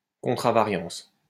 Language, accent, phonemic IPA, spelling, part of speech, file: French, France, /kɔ̃.tʁa.va.ʁjɑ̃s/, contravariance, noun, LL-Q150 (fra)-contravariance.wav
- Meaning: contravariance